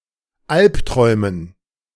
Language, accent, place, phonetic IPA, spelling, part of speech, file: German, Germany, Berlin, [ˈalpˌtʁɔɪ̯mən], Alpträumen, noun, De-Alpträumen.ogg
- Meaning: dative plural of Alptraum